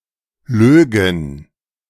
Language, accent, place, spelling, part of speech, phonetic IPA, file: German, Germany, Berlin, lögen, verb, [ˈløːɡŋ̩], De-lögen.ogg
- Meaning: first/third-person plural subjunctive II of lügen